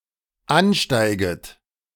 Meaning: second-person plural dependent subjunctive I of ansteigen
- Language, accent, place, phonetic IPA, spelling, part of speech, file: German, Germany, Berlin, [ˈanˌʃtaɪ̯ɡət], ansteiget, verb, De-ansteiget.ogg